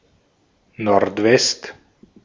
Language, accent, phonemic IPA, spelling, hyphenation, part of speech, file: German, Austria, /nɔʁtˈvɛst/, Nordwest, Nord‧west, noun, De-at-Nordwest.ogg
- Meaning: northwest